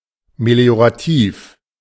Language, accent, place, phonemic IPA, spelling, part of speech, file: German, Germany, Berlin, /meli̯oʁaˈtiːf/, meliorativ, adjective, De-meliorativ.ogg
- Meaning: meliorative